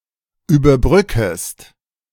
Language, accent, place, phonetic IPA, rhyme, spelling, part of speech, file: German, Germany, Berlin, [yːbɐˈbʁʏkəst], -ʏkəst, überbrückest, verb, De-überbrückest.ogg
- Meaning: second-person singular subjunctive I of überbrücken